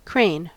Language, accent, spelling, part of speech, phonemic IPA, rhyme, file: English, US, crane, noun / verb, /kɹeɪn/, -eɪn, En-us-crane.ogg
- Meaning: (noun) 1. Any bird of the family Gruidae, large birds with long legs and a long neck which is extended during flight 2. Ardea herodias, the great blue heron